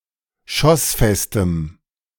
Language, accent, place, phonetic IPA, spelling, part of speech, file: German, Germany, Berlin, [ˈʃɔsˌfɛstəm], schossfestem, adjective, De-schossfestem.ogg
- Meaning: strong dative masculine/neuter singular of schossfest